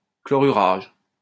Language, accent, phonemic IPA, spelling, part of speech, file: French, France, /klɔ.ʁy.ʁaʒ/, chlorurage, noun, LL-Q150 (fra)-chlorurage.wav
- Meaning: chlorination